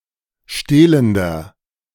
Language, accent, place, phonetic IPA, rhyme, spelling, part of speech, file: German, Germany, Berlin, [ˈʃteːləndɐ], -eːləndɐ, stehlender, adjective, De-stehlender.ogg
- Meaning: inflection of stehlend: 1. strong/mixed nominative masculine singular 2. strong genitive/dative feminine singular 3. strong genitive plural